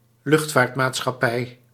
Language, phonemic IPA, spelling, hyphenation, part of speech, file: Dutch, /ˈlʏxt.faːrt.maːt.sxɑˌpɛi̯/, luchtvaartmaatschappij, lucht‧vaart‧maat‧schap‧pij, noun, Nl-luchtvaartmaatschappij.ogg
- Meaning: airline